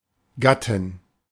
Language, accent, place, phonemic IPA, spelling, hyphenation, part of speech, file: German, Germany, Berlin, /ˈɡatɪn/, Gattin, Gat‧tin, noun, De-Gattin.ogg
- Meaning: married woman, wife; female form of Gatte